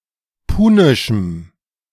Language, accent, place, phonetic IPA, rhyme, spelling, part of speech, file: German, Germany, Berlin, [ˈpuːnɪʃm̩], -uːnɪʃm̩, punischem, adjective, De-punischem.ogg
- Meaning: strong dative masculine/neuter singular of punisch